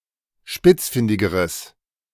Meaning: strong/mixed nominative/accusative neuter singular comparative degree of spitzfindig
- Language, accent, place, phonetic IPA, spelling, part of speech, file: German, Germany, Berlin, [ˈʃpɪt͡sˌfɪndɪɡəʁəs], spitzfindigeres, adjective, De-spitzfindigeres.ogg